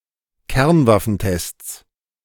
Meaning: plural of Kernwaffentest
- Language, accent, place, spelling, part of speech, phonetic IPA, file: German, Germany, Berlin, Kernwaffentests, noun, [ˈkɛʁnvafn̩ˌtɛst͡s], De-Kernwaffentests.ogg